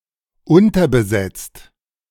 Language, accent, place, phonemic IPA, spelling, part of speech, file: German, Germany, Berlin, /ˈʊntɐbəˌzɛt͡st/, unterbesetzt, verb / adjective, De-unterbesetzt.ogg
- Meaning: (verb) past participle of unterbesetzen; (adjective) understaffed, undermanned